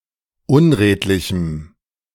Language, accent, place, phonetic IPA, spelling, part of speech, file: German, Germany, Berlin, [ˈʊnˌʁeːtlɪçm̩], unredlichem, adjective, De-unredlichem.ogg
- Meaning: strong dative masculine/neuter singular of unredlich